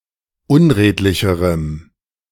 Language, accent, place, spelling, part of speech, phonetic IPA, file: German, Germany, Berlin, unredlicherem, adjective, [ˈʊnˌʁeːtlɪçəʁəm], De-unredlicherem.ogg
- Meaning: strong dative masculine/neuter singular comparative degree of unredlich